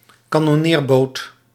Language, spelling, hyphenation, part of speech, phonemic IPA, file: Dutch, kanonneerboot, ka‧non‧neer‧boot, noun, /kaː.nɔˈneːrˌboːt/, Nl-kanonneerboot.ogg
- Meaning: a gunboat